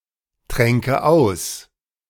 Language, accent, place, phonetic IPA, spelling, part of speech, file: German, Germany, Berlin, [ˌtʁɛŋkə ˈaʊ̯s], tränke aus, verb, De-tränke aus.ogg
- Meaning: first/third-person singular subjunctive II of austrinken